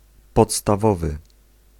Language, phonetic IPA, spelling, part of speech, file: Polish, [ˌpɔtstaˈvɔvɨ], podstawowy, adjective, Pl-podstawowy.ogg